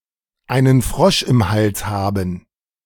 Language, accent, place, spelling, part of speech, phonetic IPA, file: German, Germany, Berlin, einen Frosch im Hals haben, verb, [aɪ̯nən fʁɔʃ ɪm hals ˈhabm̩], De-einen Frosch im Hals haben.ogg
- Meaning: to have a frog in one's throat